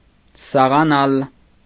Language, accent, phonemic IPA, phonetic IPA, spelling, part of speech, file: Armenian, Eastern Armenian, /sɑʁɑˈnɑl/, [sɑʁɑnɑ́l], սաղանալ, verb, Hy-սաղանալ.ogg
- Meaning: to return to life, to revive, to become alive